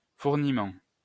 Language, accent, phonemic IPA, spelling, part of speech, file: French, France, /fuʁ.ni.mɑ̃/, fourniment, noun, LL-Q150 (fra)-fourniment.wav
- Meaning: equipment, kit, furniment